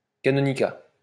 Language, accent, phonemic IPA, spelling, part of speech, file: French, France, /ka.nɔ.ni.ka/, canonicat, noun, LL-Q150 (fra)-canonicat.wav
- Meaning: the office of a canon; canonry